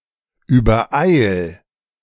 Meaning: 1. singular imperative of übereilen 2. first-person singular present of übereilen
- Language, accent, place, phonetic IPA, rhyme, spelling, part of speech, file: German, Germany, Berlin, [yːbɐˈʔaɪ̯l], -aɪ̯l, übereil, verb, De-übereil.ogg